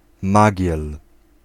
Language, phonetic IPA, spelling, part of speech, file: Polish, [ˈmaɟɛl], magiel, noun, Pl-magiel.ogg